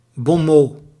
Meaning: bon mot (clever saying, phrase, or witticism)
- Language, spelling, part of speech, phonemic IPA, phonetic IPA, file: Dutch, bon mot, noun, /bɔn ˈmoː/, [bɔ̃ ˈmoː], Nl-bon mot.ogg